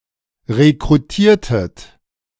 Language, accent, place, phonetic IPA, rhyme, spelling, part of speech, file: German, Germany, Berlin, [ʁekʁuˈtiːɐ̯tət], -iːɐ̯tət, rekrutiertet, verb, De-rekrutiertet.ogg
- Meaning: inflection of rekrutieren: 1. second-person plural preterite 2. second-person plural subjunctive II